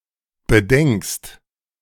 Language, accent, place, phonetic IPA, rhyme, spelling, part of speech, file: German, Germany, Berlin, [bəˈdɛŋkst], -ɛŋkst, bedenkst, verb, De-bedenkst.ogg
- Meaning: second-person singular present of bedenken